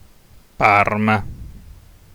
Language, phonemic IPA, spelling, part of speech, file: Italian, /ˈparma/, Parma, proper noun, It-Parma.ogg